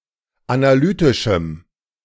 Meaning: strong dative masculine/neuter singular of analytisch
- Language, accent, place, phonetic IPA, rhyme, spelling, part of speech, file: German, Germany, Berlin, [anaˈlyːtɪʃm̩], -yːtɪʃm̩, analytischem, adjective, De-analytischem.ogg